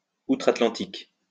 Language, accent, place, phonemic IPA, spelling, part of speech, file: French, France, Lyon, /u.tʁat.lɑ̃.tik/, outre-Atlantique, adverb, LL-Q150 (fra)-outre-Atlantique.wav
- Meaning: in the United States